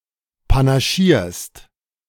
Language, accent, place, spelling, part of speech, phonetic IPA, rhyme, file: German, Germany, Berlin, panaschierst, verb, [panaˈʃiːɐ̯st], -iːɐ̯st, De-panaschierst.ogg
- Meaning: second-person singular present of panaschieren